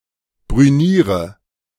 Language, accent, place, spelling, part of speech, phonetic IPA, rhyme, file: German, Germany, Berlin, brüniere, verb, [bʁyˈniːʁə], -iːʁə, De-brüniere.ogg
- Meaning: inflection of brünieren: 1. first-person singular present 2. first/third-person singular subjunctive I 3. singular imperative